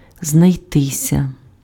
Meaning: passive of знайти́ (znajtý): to be found
- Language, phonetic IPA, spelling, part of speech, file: Ukrainian, [znɐi̯ˈtɪsʲɐ], знайтися, verb, Uk-знайтися.ogg